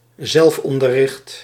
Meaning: self education, self teaching
- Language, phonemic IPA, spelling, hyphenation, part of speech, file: Dutch, /ˈzɛlfˌɔn.də(r).rɪxt/, zelfonderricht, zelf‧on‧der‧richt, noun, Nl-zelfonderricht.ogg